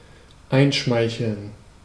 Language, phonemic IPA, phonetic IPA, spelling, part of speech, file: German, /ˈaɪ̯nˌʃmaɪ̯çəln/, [ˈʔaɪ̯nˌʃmaɪ̯çl̩n], einschmeicheln, verb, De-einschmeicheln.ogg
- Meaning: to ingratiate oneself (get favor through flattery)